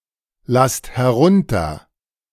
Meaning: second-person plural present of herunterlassen
- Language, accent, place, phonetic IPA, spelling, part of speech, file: German, Germany, Berlin, [ˌlast hɛˈʁʊntɐ], lasst herunter, verb, De-lasst herunter.ogg